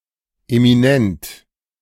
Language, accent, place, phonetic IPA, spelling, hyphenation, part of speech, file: German, Germany, Berlin, [emiˈnɛnt], eminent, emi‧nent, adjective, De-eminent.ogg
- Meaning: eminent